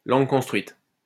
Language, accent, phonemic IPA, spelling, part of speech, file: French, France, /lɑ̃ɡ kɔ̃s.tʁɥit/, langue construite, noun, LL-Q150 (fra)-langue construite.wav
- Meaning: a constructed language